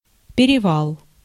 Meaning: 1. crossing, passing 2. mountain pass
- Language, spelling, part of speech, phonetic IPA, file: Russian, перевал, noun, [pʲɪrʲɪˈvaɫ], Ru-перевал.ogg